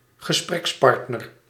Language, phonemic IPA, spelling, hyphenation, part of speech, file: Dutch, /ɣəˈsprɛksˌpɑrt.nər/, gesprekspartner, ge‧spreks‧part‧ner, noun, Nl-gesprekspartner.ogg
- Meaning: 1. conversation partner 2. interlocutor